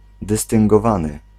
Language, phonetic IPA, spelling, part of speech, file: Polish, [ˌdɨstɨ̃ŋɡɔˈvãnɨ], dystyngowany, adjective, Pl-dystyngowany.ogg